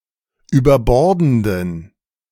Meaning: inflection of überbordend: 1. strong genitive masculine/neuter singular 2. weak/mixed genitive/dative all-gender singular 3. strong/weak/mixed accusative masculine singular 4. strong dative plural
- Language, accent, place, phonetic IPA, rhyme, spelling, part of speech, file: German, Germany, Berlin, [yːbɐˈbɔʁdn̩dən], -ɔʁdn̩dən, überbordenden, adjective, De-überbordenden.ogg